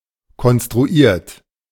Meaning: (verb) past participle of konstruieren; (adjective) 1. artificial 2. constructed
- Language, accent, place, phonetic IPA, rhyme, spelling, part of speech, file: German, Germany, Berlin, [kɔnstʁuˈiːɐ̯t], -iːɐ̯t, konstruiert, verb, De-konstruiert.ogg